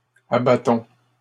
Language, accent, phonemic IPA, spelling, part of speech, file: French, Canada, /a.ba.tɔ̃/, abattons, verb, LL-Q150 (fra)-abattons.wav
- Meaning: inflection of abattre: 1. first-person plural present indicative 2. first-person plural imperative